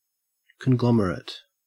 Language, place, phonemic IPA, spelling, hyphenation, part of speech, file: English, Queensland, /kənˈɡlɔm.(ə.)ɹət/, conglomerate, con‧glo‧mer‧ate, noun / adjective, En-au-conglomerate.ogg
- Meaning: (noun) 1. A cluster of heterogeneous things 2. A corporation formed by the combination of several smaller corporations whose activities are unrelated to the corporation's primary activity